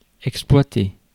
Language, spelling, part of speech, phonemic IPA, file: French, exploiter, verb, /ɛk.splwa.te/, Fr-exploiter.ogg
- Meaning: 1. to exploit 2. to operate